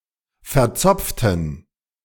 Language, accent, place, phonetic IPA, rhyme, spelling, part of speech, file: German, Germany, Berlin, [fɛɐ̯ˈt͡sɔp͡ftn̩], -ɔp͡ftn̩, verzopften, adjective, De-verzopften.ogg
- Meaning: inflection of verzopft: 1. strong genitive masculine/neuter singular 2. weak/mixed genitive/dative all-gender singular 3. strong/weak/mixed accusative masculine singular 4. strong dative plural